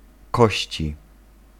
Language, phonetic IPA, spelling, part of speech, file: Polish, [ˈkɔɕt͡ɕi], kości, noun, Pl-kości.ogg